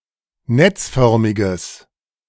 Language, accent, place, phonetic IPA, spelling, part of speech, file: German, Germany, Berlin, [ˈnɛt͡sˌfœʁmɪɡəs], netzförmiges, adjective, De-netzförmiges.ogg
- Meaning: strong/mixed nominative/accusative neuter singular of netzförmig